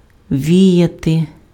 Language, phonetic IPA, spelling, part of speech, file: Ukrainian, [ˈʋʲijɐte], віяти, verb, Uk-віяти.ogg
- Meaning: 1. to blow gently 2. to wave, to flutter 3. to winnow (grain)